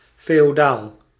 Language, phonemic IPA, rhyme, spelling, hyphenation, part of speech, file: Dutch, /ˌfeː.oːˈdaːl/, -aːl, feodaal, fe‧o‧daal, adjective, Nl-feodaal.ogg
- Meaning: feudal